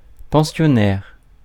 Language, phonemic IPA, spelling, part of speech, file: French, /pɑ̃.sjɔ.nɛʁ/, pensionnaire, noun, Fr-pensionnaire.ogg
- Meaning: 1. boarder; lodger 2. pensioner 3. boarder (someone in a boarding school)